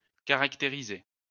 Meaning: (verb) past participle of caractériser; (adjective) characterized
- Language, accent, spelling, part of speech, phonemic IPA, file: French, France, caractérisé, verb / adjective, /ka.ʁak.te.ʁi.ze/, LL-Q150 (fra)-caractérisé.wav